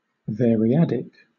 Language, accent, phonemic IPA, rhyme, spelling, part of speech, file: English, Southern England, /vɛəɹiˈædɪk/, -ædɪk, variadic, adjective / noun, LL-Q1860 (eng)-variadic.wav
- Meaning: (adjective) 1. Taking a variable number of arguments; especially, taking arbitrarily many arguments 2. Belonging to a variadic function; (noun) A function that takes a variable number of arguments